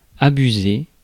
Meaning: 1. to mislead 2. to take advantage [with de ‘of’] (especially sexually) 3. to abuse (use improperly) 4. to go too far
- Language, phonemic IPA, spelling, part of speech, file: French, /a.by.ze/, abuser, verb, Fr-abuser.ogg